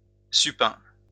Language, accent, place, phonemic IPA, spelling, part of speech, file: French, France, Lyon, /sy.pɛ̃/, supin, noun, LL-Q150 (fra)-supin.wav
- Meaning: supine